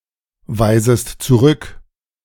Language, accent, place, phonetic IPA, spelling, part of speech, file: German, Germany, Berlin, [ˌvaɪ̯zəst t͡suˈʁʏk], weisest zurück, verb, De-weisest zurück.ogg
- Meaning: second-person singular subjunctive I of zurückweisen